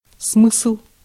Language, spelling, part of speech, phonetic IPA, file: Russian, смысл, noun, [smɨsɫ], Ru-смысл.ogg
- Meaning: 1. sense, meaning 2. respect 3. use